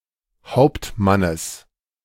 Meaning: genitive singular of Hauptmann
- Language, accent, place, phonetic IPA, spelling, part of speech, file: German, Germany, Berlin, [ˈhaʊ̯ptˌmanəs], Hauptmannes, noun, De-Hauptmannes.ogg